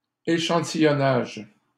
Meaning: sampling
- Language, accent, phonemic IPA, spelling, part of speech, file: French, Canada, /e.ʃɑ̃.ti.jɔ.naʒ/, échantillonnage, noun, LL-Q150 (fra)-échantillonnage.wav